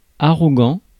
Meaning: arrogant
- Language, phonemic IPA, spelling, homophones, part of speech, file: French, /a.ʁɔ.ɡɑ̃/, arrogant, arrogants, adjective, Fr-arrogant.ogg